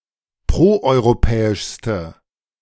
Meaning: inflection of proeuropäisch: 1. strong/mixed nominative/accusative feminine singular superlative degree 2. strong nominative/accusative plural superlative degree
- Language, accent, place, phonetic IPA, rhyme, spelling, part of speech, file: German, Germany, Berlin, [ˌpʁoʔɔɪ̯ʁoˈpɛːɪʃstə], -ɛːɪʃstə, proeuropäischste, adjective, De-proeuropäischste.ogg